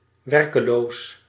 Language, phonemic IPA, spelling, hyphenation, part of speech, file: Dutch, /ˈʋɛr.kəˌloːs/, werkeloos, wer‧ke‧loos, adjective, Nl-werkeloos.ogg
- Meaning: 1. having nothing to do, doing nothing; idle, workless 2. workless, jobless, unemployed